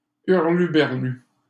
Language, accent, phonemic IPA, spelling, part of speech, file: French, Canada, /yʁ.ly.bɛʁ.ly/, hurluberlu, noun / adjective, LL-Q150 (fra)-hurluberlu.wav
- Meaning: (noun) weirdo; eccentric person; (adjective) weird, eccentric (of a person)